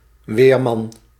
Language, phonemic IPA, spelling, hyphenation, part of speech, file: Dutch, /ˈʋeːr.mɑn/, weerman, weer‧man, noun, Nl-weerman.ogg
- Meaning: a weatherman, a male weather forecaster